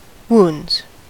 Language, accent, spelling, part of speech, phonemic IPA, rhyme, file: English, US, wounds, noun / verb, /wuːndz/, -uːndz, En-us-wounds.ogg
- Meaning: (noun) plural of wound; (verb) third-person singular simple present indicative of wound